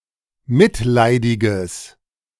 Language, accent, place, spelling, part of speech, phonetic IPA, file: German, Germany, Berlin, mitleidiges, adjective, [ˈmɪtˌlaɪ̯dɪɡəs], De-mitleidiges.ogg
- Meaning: strong/mixed nominative/accusative neuter singular of mitleidig